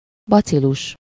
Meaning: 1. bacillus (any of various rod-shaped, spore-forming aerobic bacteria in the genus Bacillus) 2. bacterium, germ
- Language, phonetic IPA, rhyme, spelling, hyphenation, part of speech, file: Hungarian, [ˈbɒt͡siluʃ], -uʃ, bacilus, ba‧ci‧lus, noun, Hu-bacilus.ogg